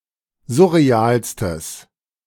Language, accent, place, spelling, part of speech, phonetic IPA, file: German, Germany, Berlin, surrealstes, adjective, [ˈzʊʁeˌaːlstəs], De-surrealstes.ogg
- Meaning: strong/mixed nominative/accusative neuter singular superlative degree of surreal